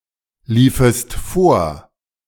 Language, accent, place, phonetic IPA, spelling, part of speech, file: German, Germany, Berlin, [ˌliːfəst ˈfoːɐ̯], liefest vor, verb, De-liefest vor.ogg
- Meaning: second-person singular subjunctive II of vorlaufen